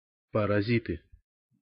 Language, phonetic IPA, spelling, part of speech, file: Russian, [pərɐˈzʲitɨ], паразиты, noun, Ru-паразиты.ogg
- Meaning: nominative plural of парази́т (parazít)